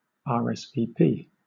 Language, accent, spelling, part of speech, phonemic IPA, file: English, Southern England, rsvp, verb, /ˌɑː(ɹ)ɛs viː ˈpiː/, LL-Q1860 (eng)-rsvp.wav
- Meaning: Alternative letter-case form of RSVP